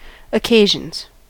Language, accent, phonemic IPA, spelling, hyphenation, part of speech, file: English, US, /əˈkeɪʒənz/, occasions, oc‧ca‧sions, noun / verb, En-us-occasions.ogg
- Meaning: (noun) plural of occasion; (verb) third-person singular simple present indicative of occasion